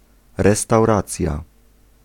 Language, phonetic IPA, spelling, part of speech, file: Polish, [ˌrɛstawˈrat͡sʲja], restauracja, noun, Pl-restauracja.ogg